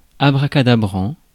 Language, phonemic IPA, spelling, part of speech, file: French, /a.bʁa.ka.da.bʁɑ̃/, abracadabrant, adjective, Fr-abracadabrant.ogg
- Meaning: ludicrous, preposterous